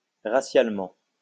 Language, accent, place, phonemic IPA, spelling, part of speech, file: French, France, Lyon, /ʁa.sjal.mɑ̃/, racialement, adverb, LL-Q150 (fra)-racialement.wav
- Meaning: racially